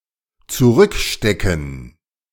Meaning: to put back, stick back
- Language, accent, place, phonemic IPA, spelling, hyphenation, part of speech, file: German, Germany, Berlin, /t͡suˈʁʏkˌʃtɛkn̩/, zurückstecken, zu‧rück‧ste‧cken, verb, De-zurückstecken.ogg